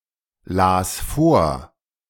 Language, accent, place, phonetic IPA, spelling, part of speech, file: German, Germany, Berlin, [ˌlaːs ˈfoːɐ̯], las vor, verb, De-las vor.ogg
- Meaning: first/third-person singular preterite of vorlesen